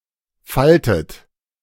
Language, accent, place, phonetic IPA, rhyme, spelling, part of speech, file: German, Germany, Berlin, [ˈfaltət], -altət, faltet, verb, De-faltet.ogg
- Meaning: inflection of falten: 1. third-person singular present 2. second-person plural present 3. second-person plural subjunctive I 4. plural imperative